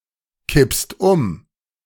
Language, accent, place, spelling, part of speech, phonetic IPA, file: German, Germany, Berlin, kippst um, verb, [ˌkɪpst ˈʊm], De-kippst um.ogg
- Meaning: second-person singular present of umkippen